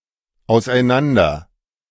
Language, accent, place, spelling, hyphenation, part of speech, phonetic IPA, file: German, Germany, Berlin, auseinander, aus‧ei‧n‧an‧der, adverb, [ˌaʊ̯sʔaɪ̯ˈnandɐ], De-auseinander.ogg
- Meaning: apart